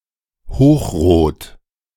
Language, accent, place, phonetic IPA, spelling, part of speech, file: German, Germany, Berlin, [ˈhoːxˌʁoːt], hochrot, adjective, De-hochrot.ogg
- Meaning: bright red, like a very intense blush